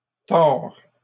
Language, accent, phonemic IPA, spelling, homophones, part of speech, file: French, Canada, /tɔʁ/, tords, Thor / tord / tore / tores / tors / tort / torts, verb, LL-Q150 (fra)-tords.wav
- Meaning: inflection of tordre: 1. first/second-person singular present indicative 2. second-person singular imperative